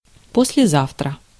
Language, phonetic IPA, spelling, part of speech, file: Russian, [ˌpos⁽ʲ⁾lʲɪˈzaftrə], послезавтра, adverb, Ru-послезавтра.ogg
- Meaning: day after tomorrow